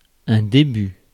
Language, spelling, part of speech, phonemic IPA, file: French, début, noun, /de.by/, Fr-début.ogg
- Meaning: start, beginning